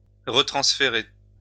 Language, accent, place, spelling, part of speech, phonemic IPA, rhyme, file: French, France, Lyon, retransférer, verb, /ʁə.tʁɑ̃s.fe.ʁe/, -e, LL-Q150 (fra)-retransférer.wav
- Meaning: to retransfer (transfer again)